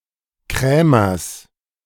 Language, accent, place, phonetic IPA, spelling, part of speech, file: German, Germany, Berlin, [ˈkʁɛːmɐs], Krämers, noun, De-Krämers.ogg
- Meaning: genitive singular of Krämer